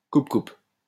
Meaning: machete (sword-like tool)
- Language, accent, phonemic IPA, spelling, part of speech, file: French, France, /kup.kup/, coupe-coupe, noun, LL-Q150 (fra)-coupe-coupe.wav